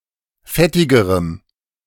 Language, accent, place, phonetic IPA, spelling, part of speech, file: German, Germany, Berlin, [ˈfɛtɪɡəʁəm], fettigerem, adjective, De-fettigerem.ogg
- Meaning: strong dative masculine/neuter singular comparative degree of fettig